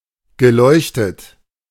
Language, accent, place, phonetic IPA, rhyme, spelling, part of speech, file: German, Germany, Berlin, [ɡəˈlɔɪ̯çtət], -ɔɪ̯çtət, geleuchtet, verb, De-geleuchtet.ogg
- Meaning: past participle of leuchten